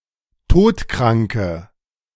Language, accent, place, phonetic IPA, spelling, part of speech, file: German, Germany, Berlin, [ˈtoːtˌkʁaŋkə], todkranke, adjective, De-todkranke.ogg
- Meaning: inflection of todkrank: 1. strong/mixed nominative/accusative feminine singular 2. strong nominative/accusative plural 3. weak nominative all-gender singular